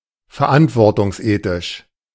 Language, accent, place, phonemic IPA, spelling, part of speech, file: German, Germany, Berlin, /fɛɐ̯ˈʔantvɔʁtʊŋsˌʔeːtɪʃ/, verantwortungsethisch, adjective, De-verantwortungsethisch.ogg
- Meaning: of the ethics of responsibility